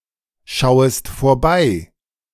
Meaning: second-person singular subjunctive I of vorbeischauen
- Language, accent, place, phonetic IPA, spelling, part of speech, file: German, Germany, Berlin, [ˌʃaʊ̯əst foːɐ̯ˈbaɪ̯], schauest vorbei, verb, De-schauest vorbei.ogg